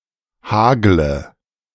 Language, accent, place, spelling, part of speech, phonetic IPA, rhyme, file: German, Germany, Berlin, hagle, verb, [ˈhaːɡlə], -aːɡlə, De-hagle.ogg
- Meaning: third-person singular subjunctive I of hageln